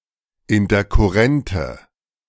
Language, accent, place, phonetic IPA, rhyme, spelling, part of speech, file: German, Germany, Berlin, [ɪntɐkʊˈʁɛntə], -ɛntə, interkurrente, adjective, De-interkurrente.ogg
- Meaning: inflection of interkurrent: 1. strong/mixed nominative/accusative feminine singular 2. strong nominative/accusative plural 3. weak nominative all-gender singular